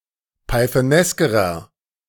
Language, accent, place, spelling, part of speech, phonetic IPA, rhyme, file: German, Germany, Berlin, pythoneskerer, adjective, [paɪ̯θəˈnɛskəʁɐ], -ɛskəʁɐ, De-pythoneskerer.ogg
- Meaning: inflection of pythonesk: 1. strong/mixed nominative masculine singular comparative degree 2. strong genitive/dative feminine singular comparative degree 3. strong genitive plural comparative degree